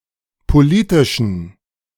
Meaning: inflection of politisch: 1. strong genitive masculine/neuter singular 2. weak/mixed genitive/dative all-gender singular 3. strong/weak/mixed accusative masculine singular 4. strong dative plural
- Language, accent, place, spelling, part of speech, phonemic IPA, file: German, Germany, Berlin, politischen, adjective, /poˈliːtɪʃn̩/, De-politischen.ogg